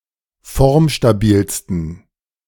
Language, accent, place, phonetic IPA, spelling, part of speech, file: German, Germany, Berlin, [ˈfɔʁmʃtaˌbiːlstn̩], formstabilsten, adjective, De-formstabilsten.ogg
- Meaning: 1. superlative degree of formstabil 2. inflection of formstabil: strong genitive masculine/neuter singular superlative degree